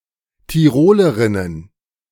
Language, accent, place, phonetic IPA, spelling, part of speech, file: German, Germany, Berlin, [tiˈʁoːləʁɪnən], Tirolerinnen, noun, De-Tirolerinnen.ogg
- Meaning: plural of Tirolerin